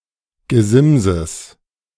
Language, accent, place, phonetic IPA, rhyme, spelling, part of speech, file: German, Germany, Berlin, [ɡəˈzɪmzəs], -ɪmzəs, Gesimses, noun, De-Gesimses.ogg
- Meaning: genitive singular of Gesims